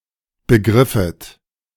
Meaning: second-person plural subjunctive I of begreifen
- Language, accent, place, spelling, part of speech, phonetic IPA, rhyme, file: German, Germany, Berlin, begriffet, verb, [bəˈɡʁɪfət], -ɪfət, De-begriffet.ogg